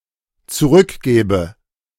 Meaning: first/third-person singular dependent subjunctive II of zurückgeben
- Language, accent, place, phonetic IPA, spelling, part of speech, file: German, Germany, Berlin, [t͡suˈʁʏkˌɡɛːbə], zurückgäbe, verb, De-zurückgäbe.ogg